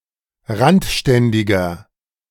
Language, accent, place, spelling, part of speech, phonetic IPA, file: German, Germany, Berlin, randständiger, adjective, [ˈʁantˌʃtɛndɪɡɐ], De-randständiger.ogg
- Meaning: inflection of randständig: 1. strong/mixed nominative masculine singular 2. strong genitive/dative feminine singular 3. strong genitive plural